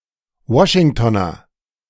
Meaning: a Washingtonian (native or inhabitant of Washington)
- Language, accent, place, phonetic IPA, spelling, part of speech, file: German, Germany, Berlin, [ˈvɔʃɪŋtoːnɐ], Washingtoner, adjective / noun, De-Washingtoner.ogg